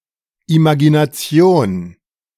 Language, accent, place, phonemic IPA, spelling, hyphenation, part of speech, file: German, Germany, Berlin, /ˌimaɡinaˈt͡si̯oːn/, Imagination, Ima‧gi‧na‧ti‧on, noun, De-Imagination.ogg
- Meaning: imagination (image-making power of the mind)